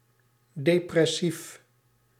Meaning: depressed
- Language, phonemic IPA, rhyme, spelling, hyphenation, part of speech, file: Dutch, /ˌdeː.prɛˈsif/, -if, depressief, de‧pres‧sief, adjective, Nl-depressief.ogg